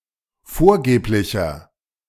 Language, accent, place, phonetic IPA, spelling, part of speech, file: German, Germany, Berlin, [ˈfoːɐ̯ˌɡeːplɪçɐ], vorgeblicher, adjective, De-vorgeblicher.ogg
- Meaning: inflection of vorgeblich: 1. strong/mixed nominative masculine singular 2. strong genitive/dative feminine singular 3. strong genitive plural